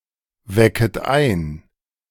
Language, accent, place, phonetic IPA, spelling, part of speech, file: German, Germany, Berlin, [ˌvɛkət ˈaɪ̯n], wecket ein, verb, De-wecket ein.ogg
- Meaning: second-person plural subjunctive I of einwecken